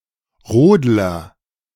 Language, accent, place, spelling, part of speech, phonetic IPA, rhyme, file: German, Germany, Berlin, Rodler, noun, [ˈʁoːdlɐ], -oːdlɐ, De-Rodler.ogg
- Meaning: luger, sledder (who participates in the sport known as luge)